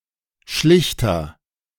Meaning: agent noun of schlichten; arbiter, mediator
- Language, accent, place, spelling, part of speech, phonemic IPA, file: German, Germany, Berlin, Schlichter, noun, /ˈʃlɪçtɐ/, De-Schlichter.ogg